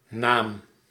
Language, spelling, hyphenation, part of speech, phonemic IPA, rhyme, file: Dutch, naam, naam, noun, /naːm/, -aːm, Nl-naam.ogg
- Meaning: 1. name 2. reputation